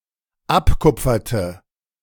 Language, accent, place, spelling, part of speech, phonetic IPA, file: German, Germany, Berlin, abkupferte, verb, [ˈapˌkʊp͡fɐtə], De-abkupferte.ogg
- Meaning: inflection of abkupfern: 1. first/third-person singular dependent preterite 2. first/third-person singular dependent subjunctive II